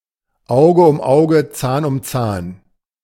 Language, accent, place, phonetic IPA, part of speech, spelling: German, Germany, Berlin, [ˈaʊ̯ɡə ʊm ˈaʊ̯ɡə | t͡saːn ʊm t͡saːn], proverb, Auge um Auge, Zahn um Zahn
- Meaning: eye for an eye, a tooth for a tooth